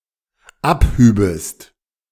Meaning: second-person singular dependent subjunctive II of abheben
- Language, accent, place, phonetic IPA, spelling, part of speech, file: German, Germany, Berlin, [ˈapˌhyːbəst], abhübest, verb, De-abhübest.ogg